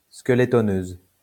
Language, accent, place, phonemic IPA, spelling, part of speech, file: French, France, Lyon, /ske.le.tɔ.nøz/, skeletoneuse, noun, LL-Q150 (fra)-skeletoneuse.wav
- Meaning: female equivalent of skeletoneur